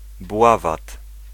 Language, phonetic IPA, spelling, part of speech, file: Polish, [ˈbwavat], bławat, noun, Pl-bławat.ogg